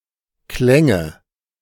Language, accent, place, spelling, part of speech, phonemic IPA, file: German, Germany, Berlin, klänge, verb, /ˈklɛŋə/, De-klänge.ogg
- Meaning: first/third-person singular subjunctive II of klingen